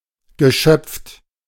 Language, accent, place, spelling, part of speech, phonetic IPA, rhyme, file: German, Germany, Berlin, geschöpft, verb, [ɡəˈʃœp͡ft], -œp͡ft, De-geschöpft.ogg
- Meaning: past participle of schöpfen